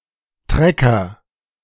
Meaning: synonym of Traktor (“tractor”)
- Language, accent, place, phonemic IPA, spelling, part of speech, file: German, Germany, Berlin, /ˈtrɛkər/, Trecker, noun, De-Trecker.ogg